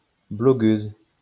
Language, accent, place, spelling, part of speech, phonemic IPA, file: French, France, Lyon, blogueuse, noun, /blɔ.ɡøz/, LL-Q150 (fra)-blogueuse.wav
- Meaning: female equivalent of blogueur